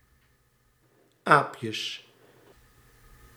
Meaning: plural of aapje
- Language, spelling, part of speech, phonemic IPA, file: Dutch, aapjes, noun, /ˈapjəs/, Nl-aapjes.ogg